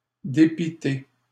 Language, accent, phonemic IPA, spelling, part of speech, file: French, Canada, /de.pi.te/, dépité, adjective / verb, LL-Q150 (fra)-dépité.wav
- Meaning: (adjective) greatly vexed, greatly frustrated; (verb) past participle of dépiter